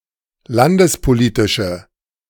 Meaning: inflection of landespolitisch: 1. strong/mixed nominative/accusative feminine singular 2. strong nominative/accusative plural 3. weak nominative all-gender singular
- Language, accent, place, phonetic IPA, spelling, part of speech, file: German, Germany, Berlin, [ˈlandəspoˌliːtɪʃə], landespolitische, adjective, De-landespolitische.ogg